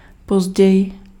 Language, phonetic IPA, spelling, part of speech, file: Czech, [ˈpozɟɛjɪ], později, adverb, Cs-později.ogg
- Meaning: later (more late)